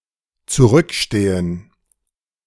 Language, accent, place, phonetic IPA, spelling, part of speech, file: German, Germany, Berlin, [t͡suˈʁʏkˌʃteːən], zurückstehen, verb, De-zurückstehen.ogg
- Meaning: 1. to stand further back, to stand behind 2. to rank lower, to lag behind 3. to exercise restraint in favor of others, to let others go first